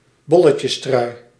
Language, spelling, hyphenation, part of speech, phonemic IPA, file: Dutch, bolletjestrui, bol‧le‧tjes‧trui, noun, /ˈbɔ.lə.tjəsˌtrœy̯/, Nl-bolletjestrui.ogg
- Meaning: an official shirt worn and accorded daily to the leader in the mountains classification in the Tour de France; a polka dot jersey